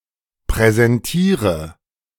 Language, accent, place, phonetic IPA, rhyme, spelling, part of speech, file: German, Germany, Berlin, [pʁɛzɛnˈtiːʁə], -iːʁə, präsentiere, verb, De-präsentiere.ogg
- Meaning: inflection of präsentieren: 1. first-person singular present 2. first/third-person singular subjunctive I 3. singular imperative